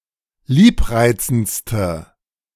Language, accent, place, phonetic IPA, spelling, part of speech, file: German, Germany, Berlin, [ˈliːpˌʁaɪ̯t͡sn̩t͡stə], liebreizendste, adjective, De-liebreizendste.ogg
- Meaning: inflection of liebreizend: 1. strong/mixed nominative/accusative feminine singular superlative degree 2. strong nominative/accusative plural superlative degree